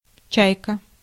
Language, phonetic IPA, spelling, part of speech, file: Russian, [ˈt͡ɕæjkə], чайка, noun, Ru-чайка.ogg
- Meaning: 1. seagull 2. chaika (boat) 3. Chaika (Soviet watch brand) 4. Chaika (series of Soviet 35 mm half-frame cameras) 5. Chaika (Soviet luxury automobile) 6. Chaika (Soviet sesquiplane fighter)